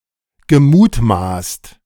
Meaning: past participle of mutmaßen
- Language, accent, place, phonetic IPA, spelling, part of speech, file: German, Germany, Berlin, [ɡəˈmuːtˌmaːst], gemutmaßt, verb, De-gemutmaßt.ogg